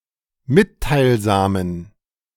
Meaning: inflection of mitteilsam: 1. strong genitive masculine/neuter singular 2. weak/mixed genitive/dative all-gender singular 3. strong/weak/mixed accusative masculine singular 4. strong dative plural
- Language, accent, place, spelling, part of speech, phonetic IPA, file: German, Germany, Berlin, mitteilsamen, adjective, [ˈmɪttaɪ̯lˌzaːmən], De-mitteilsamen.ogg